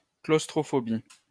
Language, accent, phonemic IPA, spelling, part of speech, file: French, France, /klos.tʁɔ.fɔ.bi/, claustrophobie, noun, LL-Q150 (fra)-claustrophobie.wav
- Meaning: claustrophobia